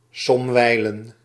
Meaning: sometimes
- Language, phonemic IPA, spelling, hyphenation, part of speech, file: Dutch, /ˈsɔmʋɛi̯lən/, somwijlen, som‧wij‧len, adverb, Nl-somwijlen.ogg